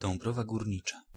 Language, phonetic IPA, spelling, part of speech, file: Polish, [dɔ̃mˈbrɔva ɡurʲˈɲit͡ʃa], Dąbrowa Górnicza, proper noun, Pl-Dąbrowa Górnicza.ogg